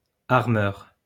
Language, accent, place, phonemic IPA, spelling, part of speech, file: French, France, Lyon, /aʁ.mœʁ/, armeur, noun, LL-Q150 (fra)-armeur.wav
- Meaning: armourer